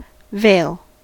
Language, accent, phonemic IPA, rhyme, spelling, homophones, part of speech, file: English, General American, /veɪl/, -eɪl, veil, vale / vail / Vail, noun / verb, En-us-veil.ogg
- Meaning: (noun) Something hung up or spread out to hide or protect the face, or hide an object from view; usually of gauze, crepe, or similar diaphanous material